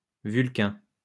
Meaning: red admiral (butterfly: Vanessa atalanta)
- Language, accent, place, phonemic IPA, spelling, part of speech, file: French, France, Lyon, /vyl.kɛ̃/, vulcain, noun, LL-Q150 (fra)-vulcain.wav